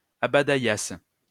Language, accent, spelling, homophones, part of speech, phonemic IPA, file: French, France, abaïasses, abaïasse / abaïassent, verb, /a.ba.jas/, LL-Q150 (fra)-abaïasses.wav
- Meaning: second-person singular imperfect subjunctive of abaïer